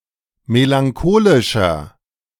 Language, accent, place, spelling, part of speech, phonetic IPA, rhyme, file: German, Germany, Berlin, melancholischer, adjective, [melaŋˈkoːlɪʃɐ], -oːlɪʃɐ, De-melancholischer.ogg
- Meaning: 1. comparative degree of melancholisch 2. inflection of melancholisch: strong/mixed nominative masculine singular 3. inflection of melancholisch: strong genitive/dative feminine singular